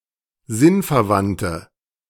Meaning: inflection of sinnverwandt: 1. strong/mixed nominative/accusative feminine singular 2. strong nominative/accusative plural 3. weak nominative all-gender singular
- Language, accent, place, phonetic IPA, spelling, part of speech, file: German, Germany, Berlin, [ˈzɪnfɛɐ̯ˌvantə], sinnverwandte, adjective, De-sinnverwandte.ogg